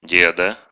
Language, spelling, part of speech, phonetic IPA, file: Russian, деда, noun, [ˈdʲedə], Ru-де́да.ogg
- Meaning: genitive/accusative/vocative singular of де́д (déd)